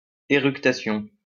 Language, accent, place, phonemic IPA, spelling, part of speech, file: French, France, Lyon, /e.ʁyk.ta.sjɔ̃/, éructation, noun, LL-Q150 (fra)-éructation.wav
- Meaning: eructation, belching